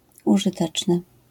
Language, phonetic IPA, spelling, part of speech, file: Polish, [ˌuʒɨˈtɛt͡ʃnɨ], użyteczny, adjective, LL-Q809 (pol)-użyteczny.wav